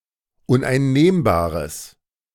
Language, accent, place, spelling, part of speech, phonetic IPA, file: German, Germany, Berlin, uneinnehmbares, adjective, [ʊnʔaɪ̯nˈneːmbaːʁəs], De-uneinnehmbares.ogg
- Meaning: strong/mixed nominative/accusative neuter singular of uneinnehmbar